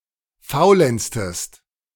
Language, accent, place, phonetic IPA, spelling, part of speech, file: German, Germany, Berlin, [ˈfaʊ̯lɛnt͡stəst], faulenztest, verb, De-faulenztest.ogg
- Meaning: inflection of faulenzen: 1. second-person singular preterite 2. second-person singular subjunctive II